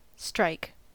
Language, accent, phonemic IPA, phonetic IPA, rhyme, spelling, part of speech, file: English, US, /stiː.ɹaɪk/, [stiː.ɹ̠ʌɪ̯k(ʰ)], -aɪk, strike, verb / noun, En-us-strike.ogg
- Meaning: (verb) 1. To delete or cross out; to scratch or eliminate 2. To have a sharp or sudden physical effect, as of a blow.: To hit